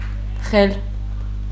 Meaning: stern of a ship
- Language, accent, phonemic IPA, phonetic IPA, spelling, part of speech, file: Armenian, Eastern Armenian, /χel/, [χel], խել, noun, Hy-խել.ogg